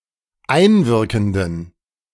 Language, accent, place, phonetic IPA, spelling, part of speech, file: German, Germany, Berlin, [ˈaɪ̯nˌvɪʁkn̩dən], einwirkenden, adjective, De-einwirkenden.ogg
- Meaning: inflection of einwirkend: 1. strong genitive masculine/neuter singular 2. weak/mixed genitive/dative all-gender singular 3. strong/weak/mixed accusative masculine singular 4. strong dative plural